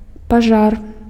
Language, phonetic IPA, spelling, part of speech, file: Belarusian, [paˈʐar], пажар, noun, Be-пажар.ogg
- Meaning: fire, conflagration